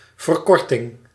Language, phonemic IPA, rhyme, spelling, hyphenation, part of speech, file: Dutch, /vərˈkɔr.tɪŋ/, -ɔrtɪŋ, verkorting, ver‧kor‧ting, noun, Nl-verkorting.ogg
- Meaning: 1. shortening 2. abridgment 3. clipping